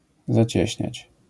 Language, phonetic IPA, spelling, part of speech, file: Polish, [zaˈt͡ɕɛ̇ɕɲät͡ɕ], zacieśniać, verb, LL-Q809 (pol)-zacieśniać.wav